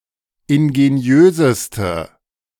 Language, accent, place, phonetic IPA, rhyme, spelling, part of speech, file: German, Germany, Berlin, [ɪnɡeˈni̯øːzəstə], -øːzəstə, ingeniöseste, adjective, De-ingeniöseste.ogg
- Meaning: inflection of ingeniös: 1. strong/mixed nominative/accusative feminine singular superlative degree 2. strong nominative/accusative plural superlative degree